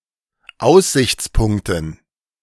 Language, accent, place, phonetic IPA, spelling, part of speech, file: German, Germany, Berlin, [ˈaʊ̯szɪçt͡sˌpʊŋktn̩], Aussichtspunkten, noun, De-Aussichtspunkten.ogg
- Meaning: dative plural of Aussichtspunkt